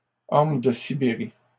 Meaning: Siberian elm
- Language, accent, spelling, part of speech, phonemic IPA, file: French, Canada, orme de Sibérie, noun, /ɔʁ.m(ə) də si.be.ʁi/, LL-Q150 (fra)-orme de Sibérie.wav